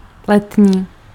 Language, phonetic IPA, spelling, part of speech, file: Czech, [ˈlɛtɲiː], letní, adjective, Cs-letní.ogg
- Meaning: summer (related to the season)